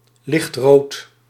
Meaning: light red
- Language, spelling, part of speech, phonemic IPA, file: Dutch, lichtrood, adjective, /ˈlɪxtrot/, Nl-lichtrood.ogg